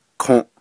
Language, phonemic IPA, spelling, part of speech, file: Navajo, /kʰõ̀ʔ/, kǫʼ, noun, Nv-kǫʼ.ogg
- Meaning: fire